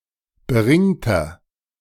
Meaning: inflection of beringt: 1. strong/mixed nominative masculine singular 2. strong genitive/dative feminine singular 3. strong genitive plural
- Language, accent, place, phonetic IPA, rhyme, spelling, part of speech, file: German, Germany, Berlin, [bəˈʁɪŋtɐ], -ɪŋtɐ, beringter, adjective, De-beringter.ogg